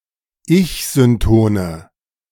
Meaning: inflection of ich-synton: 1. strong/mixed nominative/accusative feminine singular 2. strong nominative/accusative plural 3. weak nominative all-gender singular
- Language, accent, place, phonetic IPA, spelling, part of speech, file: German, Germany, Berlin, [ˈɪçzʏnˌtoːnə], ich-syntone, adjective, De-ich-syntone.ogg